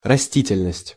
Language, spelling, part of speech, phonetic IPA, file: Russian, растительность, noun, [rɐˈsʲtʲitʲɪlʲnəsʲtʲ], Ru-растительность.ogg
- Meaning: 1. vegetation, verdure 2. hair (especially on the face)